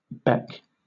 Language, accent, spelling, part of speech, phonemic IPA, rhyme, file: English, Southern England, beck, noun / verb, /ˈbɛk/, -ɛk, LL-Q1860 (eng)-beck.wav
- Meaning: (noun) 1. A stream or small river 2. A significant nod, or motion of the head or hand, especially as a call or command; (verb) To nod or motion with the head; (noun) 1. A vat 2. Obsolete form of beak